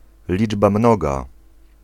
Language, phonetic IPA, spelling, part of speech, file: Polish, [ˈlʲid͡ʒba ˈmnɔɡa], liczba mnoga, noun, Pl-liczba mnoga.ogg